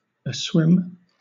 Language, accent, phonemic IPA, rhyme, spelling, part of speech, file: English, Southern England, /əˈswɪm/, -ɪm, aswim, adjective, LL-Q1860 (eng)-aswim.wav
- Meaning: 1. Swimming or immersed (in or with something) 2. Brimming with liquid